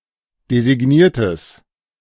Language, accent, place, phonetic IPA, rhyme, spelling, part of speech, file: German, Germany, Berlin, [dezɪˈɡniːɐ̯təs], -iːɐ̯təs, designiertes, adjective, De-designiertes.ogg
- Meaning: strong/mixed nominative/accusative neuter singular of designiert